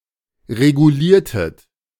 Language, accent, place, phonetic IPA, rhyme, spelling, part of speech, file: German, Germany, Berlin, [ʁeɡuˈliːɐ̯tət], -iːɐ̯tət, reguliertet, verb, De-reguliertet.ogg
- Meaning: inflection of regulieren: 1. second-person plural preterite 2. second-person plural subjunctive II